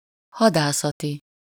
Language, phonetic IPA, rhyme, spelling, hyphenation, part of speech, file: Hungarian, [ˈhɒdaːsɒti], -ti, hadászati, ha‧dá‧sza‧ti, adjective, Hu-hadászati.ogg
- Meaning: strategic